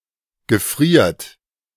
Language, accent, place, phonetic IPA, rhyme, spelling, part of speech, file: German, Germany, Berlin, [ɡəˈfʁiːɐ̯t], -iːɐ̯t, gefriert, verb, De-gefriert.ogg
- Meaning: inflection of gefrieren: 1. third-person singular present 2. second-person plural present 3. plural imperative